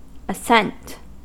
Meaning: 1. The act of ascending; a motion upwards 2. The way or means by which one ascends 3. An eminence, hill, or high place
- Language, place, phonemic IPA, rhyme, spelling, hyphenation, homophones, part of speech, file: English, California, /əˈsɛnt/, -ɛnt, ascent, as‧cent, assent, noun, En-us-ascent.ogg